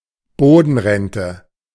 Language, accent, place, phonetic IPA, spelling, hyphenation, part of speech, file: German, Germany, Berlin, [ˈboːdn̩ˌʁɛntə], Bodenrente, Bo‧den‧ren‧te, noun, De-Bodenrente.ogg
- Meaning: ground rent